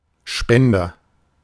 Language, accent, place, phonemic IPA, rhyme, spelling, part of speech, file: German, Germany, Berlin, /ˈʃpɛndɐ/, -ɛndɐ, Spender, noun, De-Spender.ogg
- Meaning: agent noun of spenden: 1. donor (someone who donates something) 2. dispenser (something that emits, gives, provides something)